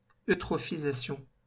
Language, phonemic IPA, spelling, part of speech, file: French, /ø.tʁɔ.fi.za.sjɔ̃/, eutrophisation, noun, LL-Q150 (fra)-eutrophisation.wav
- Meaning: eutrophication